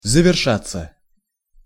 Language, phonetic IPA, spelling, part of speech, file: Russian, [zəvʲɪrˈʂat͡sːə], завершаться, verb, Ru-завершаться.ogg
- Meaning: 1. to end, to come to an end 2. passive of заверша́ть (zaveršátʹ)